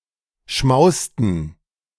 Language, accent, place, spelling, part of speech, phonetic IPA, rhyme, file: German, Germany, Berlin, schmausten, verb, [ˈʃmaʊ̯stn̩], -aʊ̯stn̩, De-schmausten.ogg
- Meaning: inflection of schmausen: 1. first/third-person plural preterite 2. first/third-person plural subjunctive II